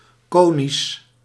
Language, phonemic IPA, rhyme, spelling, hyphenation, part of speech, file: Dutch, /ˈkoː.nis/, -oːnis, conisch, co‧nisch, adjective, Nl-conisch.ogg
- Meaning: conical